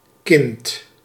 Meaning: 1. child, kid, non-adult human 2. first-degree descendant, still a minor or irrespective of age 3. product of influence, breeding etc
- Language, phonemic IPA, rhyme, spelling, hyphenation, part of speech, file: Dutch, /kɪnt/, -ɪnt, kind, kind, noun, Nl-kind.ogg